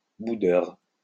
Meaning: sulky (gloomy)
- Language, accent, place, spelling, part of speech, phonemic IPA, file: French, France, Lyon, boudeur, adjective, /bu.dœʁ/, LL-Q150 (fra)-boudeur.wav